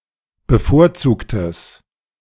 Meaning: strong/mixed nominative/accusative neuter singular of bevorzugt
- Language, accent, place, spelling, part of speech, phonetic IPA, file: German, Germany, Berlin, bevorzugtes, adjective, [bəˈfoːɐ̯ˌt͡suːktəs], De-bevorzugtes.ogg